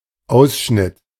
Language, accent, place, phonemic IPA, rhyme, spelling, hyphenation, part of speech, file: German, Germany, Berlin, /ˈaʊ̯sˌʃnɪt/, -ɪt, Ausschnitt, Aus‧schnitt, noun, De-Ausschnitt.ogg
- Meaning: 1. neckline 2. clipping, clip, cutting 3. detail 4. excerpt, extract 5. sector